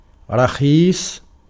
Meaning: 1. cheap (“low in price”) 2. low (price) 3. quick (death) 4. soft, without strength 5. stupid, dull
- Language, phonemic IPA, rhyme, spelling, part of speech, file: Arabic, /ra.xiːsˤ/, -iːsˤ, رخيص, adjective, Ar-رخيص.ogg